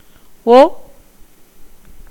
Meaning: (character) The tenth vowel in Tamil; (verb) 1. to resemble 2. to equal 3. to be suited to; to be consistent with; to be appropriate 4. to be acceptable 5. to be of good character; to be well-behaved
- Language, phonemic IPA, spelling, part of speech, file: Tamil, /o/, ஒ, character / verb, Ta-ஒ.ogg